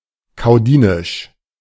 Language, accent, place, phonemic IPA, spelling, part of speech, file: German, Germany, Berlin, /kaʊ̯ˈdiːnɪʃ/, kaudinisch, adjective, De-kaudinisch.ogg
- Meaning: 1. humiliating 2. of Caudium; Caudine